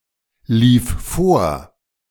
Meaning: first/third-person singular preterite of vorlaufen
- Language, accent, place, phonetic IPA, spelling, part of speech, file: German, Germany, Berlin, [ˌliːf ˈfoːɐ̯], lief vor, verb, De-lief vor.ogg